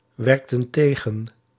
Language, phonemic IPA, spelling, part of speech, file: Dutch, /ˈwɛrᵊktə(n) ˈteɣə(n)/, werkten tegen, verb, Nl-werkten tegen.ogg
- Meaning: inflection of tegenwerken: 1. plural past indicative 2. plural past subjunctive